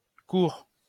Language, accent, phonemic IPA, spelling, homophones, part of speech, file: French, France, /kuʁ/, courre, cour / coure / courent / coures / cours / court / courts, verb, LL-Q150 (fra)-courre.wav
- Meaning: to run